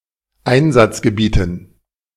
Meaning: dative plural of Einsatzgebiet
- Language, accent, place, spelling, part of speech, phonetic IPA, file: German, Germany, Berlin, Einsatzgebieten, noun, [ˈaɪ̯nzat͡sɡəˌbiːtn̩], De-Einsatzgebieten.ogg